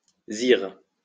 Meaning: horror, disgust
- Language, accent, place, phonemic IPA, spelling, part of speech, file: French, France, Lyon, /ziʁ/, zire, noun, LL-Q150 (fra)-zire.wav